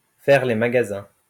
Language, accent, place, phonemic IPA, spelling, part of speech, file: French, France, Lyon, /fɛʁ le ma.ɡa.zɛ̃/, faire les magasins, verb, LL-Q150 (fra)-faire les magasins.wav
- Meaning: to go shopping